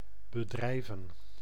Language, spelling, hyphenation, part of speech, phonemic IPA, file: Dutch, bedrijven, be‧drij‧ven, verb / noun, /bəˈdrɛi̯və(n)/, Nl-bedrijven.ogg
- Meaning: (verb) 1. to do, to perform, to carry out 2. to commit, perpetrate; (noun) plural of bedrijf